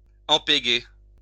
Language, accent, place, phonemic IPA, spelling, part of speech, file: French, France, Lyon, /ɑ̃.pe.ɡe/, empéguer, verb, LL-Q150 (fra)-empéguer.wav
- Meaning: 1. to glue (attach with glue) 2. to get oneself into 3. to hit, to collide 4. to get drunk